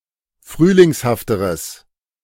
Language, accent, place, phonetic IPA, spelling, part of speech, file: German, Germany, Berlin, [ˈfʁyːlɪŋshaftəʁəs], frühlingshafteres, adjective, De-frühlingshafteres.ogg
- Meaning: strong/mixed nominative/accusative neuter singular comparative degree of frühlingshaft